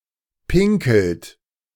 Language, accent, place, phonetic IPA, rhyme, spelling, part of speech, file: German, Germany, Berlin, [ˈpɪŋkl̩t], -ɪŋkl̩t, pinkelt, verb, De-pinkelt.ogg
- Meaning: inflection of pinkeln: 1. third-person singular present 2. second-person plural present 3. plural imperative